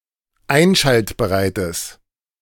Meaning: strong/mixed nominative/accusative neuter singular of einschaltbereit
- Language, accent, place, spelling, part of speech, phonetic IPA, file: German, Germany, Berlin, einschaltbereites, adjective, [ˈaɪ̯nʃaltbəʁaɪ̯təs], De-einschaltbereites.ogg